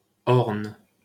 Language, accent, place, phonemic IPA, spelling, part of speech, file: French, France, Paris, /ɔʁn/, Orne, proper noun, LL-Q150 (fra)-Orne.wav
- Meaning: 1. Orne (a department of Normandy, France) 2. Orne (a river in Normandy, France, flowing through the departments of Orne and Calvados)